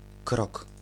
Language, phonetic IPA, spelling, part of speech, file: Polish, [krɔk], krok, noun, Pl-krok.ogg